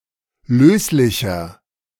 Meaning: inflection of löslich: 1. strong/mixed nominative masculine singular 2. strong genitive/dative feminine singular 3. strong genitive plural
- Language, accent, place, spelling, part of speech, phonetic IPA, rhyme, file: German, Germany, Berlin, löslicher, adjective, [ˈløːslɪçɐ], -øːslɪçɐ, De-löslicher.ogg